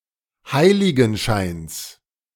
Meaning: genitive singular of Heiligenschein
- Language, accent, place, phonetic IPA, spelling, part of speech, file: German, Germany, Berlin, [ˈhaɪ̯lɪɡn̩ˌʃaɪ̯ns], Heiligenscheins, noun, De-Heiligenscheins.ogg